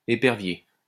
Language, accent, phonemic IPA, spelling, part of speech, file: French, France, /e.pɛʁ.vje/, épervier, noun / adjective, LL-Q150 (fra)-épervier.wav
- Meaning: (noun) 1. sparrow hawk 2. cast net